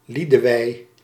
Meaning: a female given name
- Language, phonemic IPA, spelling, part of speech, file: Dutch, /ˈlidəʋɛi̯/, Lidewij, proper noun, Nl-Lidewij.ogg